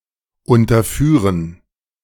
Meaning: to pass below
- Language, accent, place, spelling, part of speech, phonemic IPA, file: German, Germany, Berlin, unterführen, verb, /ʊntɐˈfyːɐ̯n/, De-unterführen.ogg